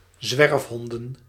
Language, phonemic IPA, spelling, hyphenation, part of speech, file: Dutch, /ˈzʋɛrfɦɔndə(n)/, zwerfhonden, zwerf‧hon‧den, noun, Nl-zwerfhonden.ogg
- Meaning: plural of zwerfhond